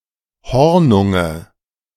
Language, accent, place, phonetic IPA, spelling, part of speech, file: German, Germany, Berlin, [ˈhɔʁnʊŋə], Hornunge, noun, De-Hornunge.ogg
- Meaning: nominative/accusative/genitive plural of Hornung